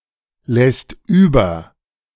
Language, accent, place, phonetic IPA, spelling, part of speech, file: German, Germany, Berlin, [ˌlɛst ˈyːbɐ], lässt über, verb, De-lässt über.ogg
- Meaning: second/third-person singular present of überlassen